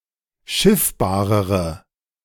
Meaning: inflection of schiffbar: 1. strong/mixed nominative/accusative feminine singular comparative degree 2. strong nominative/accusative plural comparative degree
- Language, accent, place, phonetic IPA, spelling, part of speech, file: German, Germany, Berlin, [ˈʃɪfbaːʁəʁə], schiffbarere, adjective, De-schiffbarere.ogg